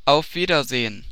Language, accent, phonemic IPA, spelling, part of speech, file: German, Germany, /aʊ̯f ˈviːdɐˌzeː(ə)n/, auf Wiedersehen, interjection, De-auf Wiedersehen.oga
- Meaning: goodbye